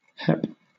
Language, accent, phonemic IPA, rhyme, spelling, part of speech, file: English, Southern England, /hɛp/, -ɛp, hep, noun / adjective / verb / interjection, LL-Q1860 (eng)-hep.wav
- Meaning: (noun) 1. hepatitis 2. Abbreviation of high-energy physics 3. A hip of a rose; a rosehip; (adjective) 1. Aware, up-to-date 2. Cool, hip, sophisticated; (verb) To make aware of